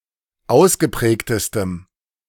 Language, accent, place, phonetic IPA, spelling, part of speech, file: German, Germany, Berlin, [ˈaʊ̯sɡəˌpʁɛːktəstəm], ausgeprägtestem, adjective, De-ausgeprägtestem.ogg
- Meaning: strong dative masculine/neuter singular superlative degree of ausgeprägt